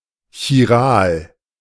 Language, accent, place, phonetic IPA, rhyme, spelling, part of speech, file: German, Germany, Berlin, [çiˈʁaːl], -aːl, chiral, adjective, De-chiral.ogg
- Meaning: chiral